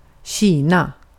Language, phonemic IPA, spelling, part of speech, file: Swedish, /²ɕiːna/, Kina, proper noun, Sv-Kina.ogg
- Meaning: China (a large country in East Asia, occupying the region around the Yellow, Yangtze, and Pearl Rivers; the People's Republic of China, since 1949)